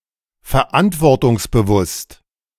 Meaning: responsible
- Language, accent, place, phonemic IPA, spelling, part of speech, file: German, Germany, Berlin, /fɛɐ̯ˈʔantvɔʁtʊŋsbəˌvʊst/, verantwortungsbewusst, adjective, De-verantwortungsbewusst.ogg